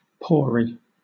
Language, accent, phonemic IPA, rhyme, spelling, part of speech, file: English, Southern England, /ˈpɔː.ɹi/, -ɔːɹi, pory, adjective, LL-Q1860 (eng)-pory.wav
- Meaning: porous